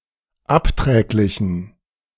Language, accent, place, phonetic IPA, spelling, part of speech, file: German, Germany, Berlin, [ˈapˌtʁɛːklɪçn̩], abträglichen, adjective, De-abträglichen.ogg
- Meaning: inflection of abträglich: 1. strong genitive masculine/neuter singular 2. weak/mixed genitive/dative all-gender singular 3. strong/weak/mixed accusative masculine singular 4. strong dative plural